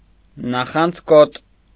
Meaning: envious, jealous
- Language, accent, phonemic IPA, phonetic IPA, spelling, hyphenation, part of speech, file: Armenian, Eastern Armenian, /nɑχɑnd͡zˈkot/, [nɑχɑnd͡zkót], նախանձկոտ, նա‧խանձ‧կոտ, adjective, Hy-նախանձկոտ.ogg